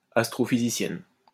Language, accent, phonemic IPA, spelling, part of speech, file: French, France, /as.tʁo.fi.zi.sjɛn/, astrophysicienne, noun, LL-Q150 (fra)-astrophysicienne.wav
- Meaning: female equivalent of astrophysicien